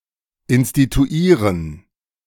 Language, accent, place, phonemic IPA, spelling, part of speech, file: German, Germany, Berlin, /ɪnstituˈiːʁən/, instituieren, verb, De-instituieren.ogg
- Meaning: to institute (to begin or initiate something)